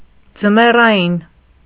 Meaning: winter; wintry
- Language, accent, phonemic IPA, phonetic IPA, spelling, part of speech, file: Armenian, Eastern Armenian, /d͡zəmerɑˈjin/, [d͡zəmerɑjín], ձմեռային, adjective, Hy-ձմեռային.ogg